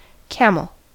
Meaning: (noun) 1. A mammalian beast of burden, much used in desert areas, of the genus Camelus 2. A light brownish color, like that of a camel (also called camel brown)
- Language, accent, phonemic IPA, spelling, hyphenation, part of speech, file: English, General American, /ˈkæm(ə)l/, camel, ca‧mel, noun / adjective, En-us-camel.ogg